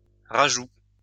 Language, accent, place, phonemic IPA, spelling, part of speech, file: French, France, Lyon, /ʁa.ʒu/, rajout, noun, LL-Q150 (fra)-rajout.wav
- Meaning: addition